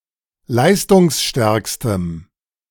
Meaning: strong dative masculine/neuter singular superlative degree of leistungsstark
- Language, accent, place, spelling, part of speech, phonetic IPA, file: German, Germany, Berlin, leistungsstärkstem, adjective, [ˈlaɪ̯stʊŋsˌʃtɛʁkstəm], De-leistungsstärkstem.ogg